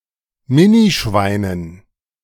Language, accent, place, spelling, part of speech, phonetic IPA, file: German, Germany, Berlin, Minischweinen, noun, [ˈmɪniˌʃvaɪ̯nən], De-Minischweinen.ogg
- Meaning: dative plural of Minischwein